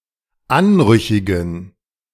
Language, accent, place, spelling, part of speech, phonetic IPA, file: German, Germany, Berlin, anrüchigen, adjective, [ˈanˌʁʏçɪɡn̩], De-anrüchigen.ogg
- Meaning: inflection of anrüchig: 1. strong genitive masculine/neuter singular 2. weak/mixed genitive/dative all-gender singular 3. strong/weak/mixed accusative masculine singular 4. strong dative plural